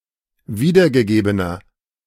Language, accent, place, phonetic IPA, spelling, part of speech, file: German, Germany, Berlin, [ˈviːdɐɡəˌɡeːbənɐ], wiedergegebener, adjective, De-wiedergegebener.ogg
- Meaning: inflection of wiedergegeben: 1. strong/mixed nominative masculine singular 2. strong genitive/dative feminine singular 3. strong genitive plural